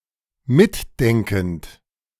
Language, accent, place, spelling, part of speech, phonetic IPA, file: German, Germany, Berlin, mitdenkend, adjective / verb, [ˈmɪtˌdɛŋkn̩t], De-mitdenkend.ogg
- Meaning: present participle of mitdenken